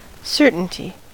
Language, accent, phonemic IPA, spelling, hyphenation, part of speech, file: English, US, /ˈsɝtn̩ti/, certainty, cer‧tain‧ty, noun, En-us-certainty.ogg
- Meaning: 1. The state of being certain 2. An instance of being certain 3. A fact or truth unquestionably established